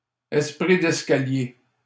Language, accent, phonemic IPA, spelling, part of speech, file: French, Canada, /ɛs.pʁi d‿ɛs.ka.lje/, esprit d'escalier, noun, LL-Q150 (fra)-esprit d'escalier.wav
- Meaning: alternative form of esprit de l'escalier